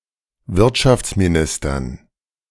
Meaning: dative plural of Wirtschaftsminister
- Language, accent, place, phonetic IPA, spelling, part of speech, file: German, Germany, Berlin, [ˈvɪʁtʃaft͡smiˌnɪstɐn], Wirtschaftsministern, noun, De-Wirtschaftsministern.ogg